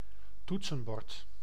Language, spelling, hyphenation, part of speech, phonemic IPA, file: Dutch, toetsenbord, toet‧sen‧bord, noun, /ˈtut.sə(n)ˌbɔrt/, Nl-toetsenbord.ogg
- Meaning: 1. a keyboard (input device with buttons for a computer) 2. a keyboard (musical instrument operated by keys; set of keys of such an instrument)